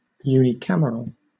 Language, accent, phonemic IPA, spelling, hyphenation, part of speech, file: English, Southern England, /juːniːˈkaməɹəl/, unicameral, uni‧cam‧er‧al, adjective, LL-Q1860 (eng)-unicameral.wav
- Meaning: 1. Of, or having, a single legislative chamber 2. Of a script or typeface: making no distinction between upper and lower case, but rather having only one case